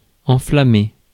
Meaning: 1. to set fire to, to set on fire 2. to inflame, to fuel (e.g. a debate, hatred) 3. to catch fire
- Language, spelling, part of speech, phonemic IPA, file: French, enflammer, verb, /ɑ̃.fla.me/, Fr-enflammer.ogg